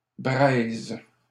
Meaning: 1. embers 2. cash, dough
- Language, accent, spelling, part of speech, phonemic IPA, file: French, Canada, braise, noun, /bʁɛz/, LL-Q150 (fra)-braise.wav